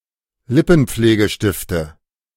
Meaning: 1. nominative/accusative/genitive plural of Lippenpflegestift 2. dative singular of Lippenpflegestift
- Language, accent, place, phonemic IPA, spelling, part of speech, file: German, Germany, Berlin, /ˈlɪpn̩̩p͡fleːɡəˌʃtɪftə/, Lippenpflegestifte, noun, De-Lippenpflegestifte.ogg